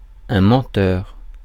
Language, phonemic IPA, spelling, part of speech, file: French, /mɑ̃.tœʁ/, menteur, noun / adjective, Fr-menteur.ogg
- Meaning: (noun) 1. liar (one who tells lies) 2. bluffer; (adjective) mendacious, lying